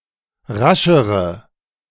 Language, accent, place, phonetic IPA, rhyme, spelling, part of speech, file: German, Germany, Berlin, [ˈʁaʃəʁə], -aʃəʁə, raschere, adjective, De-raschere.ogg
- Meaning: inflection of rasch: 1. strong/mixed nominative/accusative feminine singular comparative degree 2. strong nominative/accusative plural comparative degree